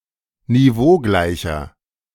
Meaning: inflection of niveaugleich: 1. strong/mixed nominative masculine singular 2. strong genitive/dative feminine singular 3. strong genitive plural
- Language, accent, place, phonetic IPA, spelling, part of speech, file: German, Germany, Berlin, [niˈvoːˌɡlaɪ̯çɐ], niveaugleicher, adjective, De-niveaugleicher.ogg